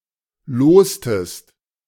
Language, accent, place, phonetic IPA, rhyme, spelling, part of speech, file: German, Germany, Berlin, [ˈloːstəst], -oːstəst, lostest, verb, De-lostest.ogg
- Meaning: inflection of losen: 1. second-person singular preterite 2. second-person singular subjunctive II